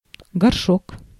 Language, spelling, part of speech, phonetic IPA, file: Russian, горшок, noun, [ɡɐrˈʂok], Ru-горшок.ogg
- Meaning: 1. pot, crock (a rounded ceramic vessel) 2. flowerpot 3. chamber pot 4. bowl cut